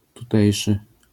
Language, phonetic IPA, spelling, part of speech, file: Polish, [tuˈtɛjʃɨ], tutejszy, adjective / noun, LL-Q809 (pol)-tutejszy.wav